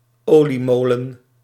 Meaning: an oil mill
- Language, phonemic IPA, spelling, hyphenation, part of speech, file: Dutch, /ˈoː.liˌmoː.lə(n)/, oliemolen, olie‧mo‧len, noun, Nl-oliemolen.ogg